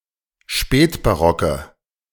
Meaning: inflection of spätbarock: 1. strong/mixed nominative/accusative feminine singular 2. strong nominative/accusative plural 3. weak nominative all-gender singular
- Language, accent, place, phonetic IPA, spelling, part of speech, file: German, Germany, Berlin, [ˈʃpɛːtbaˌʁɔkə], spätbarocke, adjective, De-spätbarocke.ogg